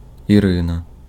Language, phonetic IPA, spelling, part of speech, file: Ukrainian, [iˈrɪnɐ], Ірина, proper noun, Uk-Ірина.ogg
- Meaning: a female given name, Iryna, from Ancient Greek, equivalent to English Irene